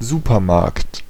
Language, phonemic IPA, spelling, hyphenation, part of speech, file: German, /ˈzuːpɐˌmaʁkt/, Supermarkt, Su‧per‧markt, noun, De-Supermarkt.ogg
- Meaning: supermarket